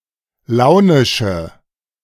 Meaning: inflection of launisch: 1. strong/mixed nominative/accusative feminine singular 2. strong nominative/accusative plural 3. weak nominative all-gender singular
- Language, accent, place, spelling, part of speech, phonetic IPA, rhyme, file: German, Germany, Berlin, launische, adjective, [ˈlaʊ̯nɪʃə], -aʊ̯nɪʃə, De-launische.ogg